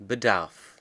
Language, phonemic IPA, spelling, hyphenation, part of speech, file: German, /bəˈdaʁf/, Bedarf, Be‧darf, noun, De-Bedarf.ogg
- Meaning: 1. need (that which is desired or required) 2. demand (amount of input that is required for something to function)